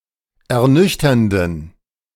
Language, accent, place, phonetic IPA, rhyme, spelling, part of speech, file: German, Germany, Berlin, [ɛɐ̯ˈnʏçtɐndn̩], -ʏçtɐndn̩, ernüchternden, adjective, De-ernüchternden.ogg
- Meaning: inflection of ernüchternd: 1. strong genitive masculine/neuter singular 2. weak/mixed genitive/dative all-gender singular 3. strong/weak/mixed accusative masculine singular 4. strong dative plural